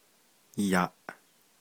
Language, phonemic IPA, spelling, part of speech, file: Navajo, /jɑ̀ʔ/, yaʼ, particle, Nv-yaʼ.ogg
- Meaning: 1. shall I?; isn’t it?; OK?; right? 2. is that okay with you?; are you fine with that?; is that all right?